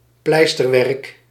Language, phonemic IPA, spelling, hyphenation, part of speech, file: Dutch, /ˈplɛistərwɛrᵊk/, pleisterwerk, pleis‧ter‧werk, noun, Nl-pleisterwerk.ogg
- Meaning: 1. the (construction) activity plastering 2. a plastering job; its stucco results